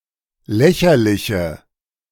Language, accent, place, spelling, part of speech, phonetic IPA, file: German, Germany, Berlin, lächerliche, adjective, [ˈlɛçɐlɪçə], De-lächerliche.ogg
- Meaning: inflection of lächerlich: 1. strong/mixed nominative/accusative feminine singular 2. strong nominative/accusative plural 3. weak nominative all-gender singular